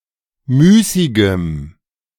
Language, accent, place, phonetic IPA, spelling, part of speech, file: German, Germany, Berlin, [ˈmyːsɪɡəm], müßigem, adjective, De-müßigem.ogg
- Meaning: strong dative masculine/neuter singular of müßig